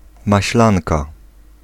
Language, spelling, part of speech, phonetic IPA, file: Polish, maślanka, noun, [maɕˈlãnka], Pl-maślanka.ogg